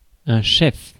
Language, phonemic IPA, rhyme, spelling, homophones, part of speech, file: French, /ʃɛf/, -ɛf, chef, cheffe / cheffes / chefs, noun, Fr-chef.ogg
- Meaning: 1. head 2. article, principal point 3. principal motive, charge, count of indictment 4. chief; top third of a coat of arms 5. a boss, chief, leader 6. a culinary chef, chief cook